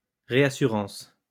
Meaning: reinsurance (nsurance purchased by insurance companies that spreads the risk associated with selling insurance around so the danger of one large monetary loss is minimized)
- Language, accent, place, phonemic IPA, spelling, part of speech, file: French, France, Lyon, /ʁe.a.sy.ʁɑ̃s/, réassurance, noun, LL-Q150 (fra)-réassurance.wav